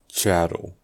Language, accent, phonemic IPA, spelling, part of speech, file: English, US, /ˈt͡ʃæt.l̩/, chattel, noun, En-us-chattel.ogg
- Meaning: 1. Tangible, movable property 2. A slave